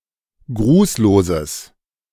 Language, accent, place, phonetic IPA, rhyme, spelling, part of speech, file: German, Germany, Berlin, [ˈɡʁuːsloːzəs], -uːsloːzəs, grußloses, adjective, De-grußloses.ogg
- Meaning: strong/mixed nominative/accusative neuter singular of grußlos